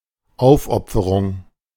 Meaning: sacrifice, devotion
- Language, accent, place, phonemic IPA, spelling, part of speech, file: German, Germany, Berlin, /ˈʔaʊ̯fˌʔɔpfəʁʊŋ/, Aufopferung, noun, De-Aufopferung.ogg